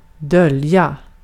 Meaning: to conceal, to hide; to put out of sight or to keep secret
- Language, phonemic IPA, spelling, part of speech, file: Swedish, /dœl.ja/, dölja, verb, Sv-dölja.ogg